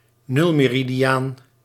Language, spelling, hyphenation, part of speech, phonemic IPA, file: Dutch, nulmeridiaan, nul‧me‧ri‧di‧aan, noun, /ˈnʏl.meː.ri.diˌaːn/, Nl-nulmeridiaan.ogg
- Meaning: prime meridian